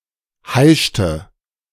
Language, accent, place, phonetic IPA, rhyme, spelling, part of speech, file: German, Germany, Berlin, [ˈhaɪ̯ʃtə], -aɪ̯ʃtə, heischte, verb, De-heischte.ogg
- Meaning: inflection of heischen: 1. first/third-person singular preterite 2. first/third-person singular subjunctive II